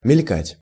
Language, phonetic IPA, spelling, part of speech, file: Russian, [mʲɪlʲˈkatʲ], мелькать, verb, Ru-мелькать.ogg
- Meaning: 1. to flash, to gleam 2. to flit, to fly past 3. to loom, to turn up 4. to appear for a moment, to be glimpsed fleetingly